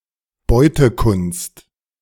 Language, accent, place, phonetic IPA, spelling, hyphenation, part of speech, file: German, Germany, Berlin, [ˈbɔɪ̯təkʰʊnst], Beutekunst, Beu‧te‧kunst, noun, De-Beutekunst.ogg
- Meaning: looted art